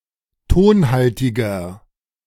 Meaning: 1. comparative degree of tonhaltig 2. inflection of tonhaltig: strong/mixed nominative masculine singular 3. inflection of tonhaltig: strong genitive/dative feminine singular
- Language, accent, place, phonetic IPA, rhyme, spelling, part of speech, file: German, Germany, Berlin, [ˈtoːnˌhaltɪɡɐ], -oːnhaltɪɡɐ, tonhaltiger, adjective, De-tonhaltiger.ogg